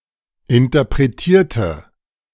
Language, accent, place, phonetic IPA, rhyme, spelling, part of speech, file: German, Germany, Berlin, [ɪntɐpʁeˈtiːɐ̯tə], -iːɐ̯tə, interpretierte, adjective / verb, De-interpretierte.ogg
- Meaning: inflection of interpretieren: 1. first/third-person singular preterite 2. first/third-person singular subjunctive II